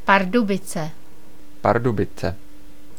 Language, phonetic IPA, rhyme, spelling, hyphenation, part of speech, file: Czech, [ˈpardubɪt͡sɛ], -ɪtsɛ, Pardubice, Par‧du‧bi‧ce, proper noun, Cs-Pardubice.ogg
- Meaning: a city in the Czech Republic that lies on the river Elbe, 65 miles east of Prague, the capital of the Czech Republic